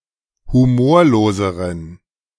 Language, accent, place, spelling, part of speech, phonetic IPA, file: German, Germany, Berlin, humorloseren, adjective, [huˈmoːɐ̯loːzəʁən], De-humorloseren.ogg
- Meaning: inflection of humorlos: 1. strong genitive masculine/neuter singular comparative degree 2. weak/mixed genitive/dative all-gender singular comparative degree